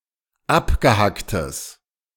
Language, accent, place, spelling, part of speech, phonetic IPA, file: German, Germany, Berlin, abgehacktes, adjective, [ˈapɡəˌhaktəs], De-abgehacktes.ogg
- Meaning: strong/mixed nominative/accusative neuter singular of abgehackt